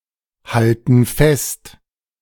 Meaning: inflection of festhalten: 1. first/third-person plural present 2. first/third-person plural subjunctive I
- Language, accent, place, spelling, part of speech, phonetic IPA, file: German, Germany, Berlin, halten fest, verb, [ˌhaltn̩ ˈfɛst], De-halten fest.ogg